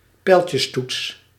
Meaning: arrow key, cursor key
- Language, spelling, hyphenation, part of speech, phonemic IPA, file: Dutch, pijltjestoets, pijl‧tjes‧toets, noun, /ˈpɛi̯l.tjəsˌtuts/, Nl-pijltjestoets.ogg